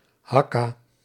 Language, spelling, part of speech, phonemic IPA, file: Dutch, Hakka, proper noun, /ˈhɑka/, Nl-Hakka.ogg
- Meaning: Hakka (language)